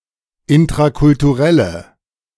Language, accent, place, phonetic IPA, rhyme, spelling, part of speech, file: German, Germany, Berlin, [ɪntʁakʊltuˈʁɛlə], -ɛlə, intrakulturelle, adjective, De-intrakulturelle.ogg
- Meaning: inflection of intrakulturell: 1. strong/mixed nominative/accusative feminine singular 2. strong nominative/accusative plural 3. weak nominative all-gender singular